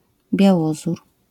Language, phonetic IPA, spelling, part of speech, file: Polish, [bʲjaˈwɔzur], białozór, noun, LL-Q809 (pol)-białozór.wav